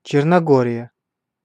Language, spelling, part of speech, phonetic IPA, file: Russian, Черногория, proper noun, [ˌt͡ɕernɐˈɡorʲɪjə], Ru-Черногория.ogg
- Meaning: Montenegro (a country on the Balkan Peninsula in Southeastern Europe)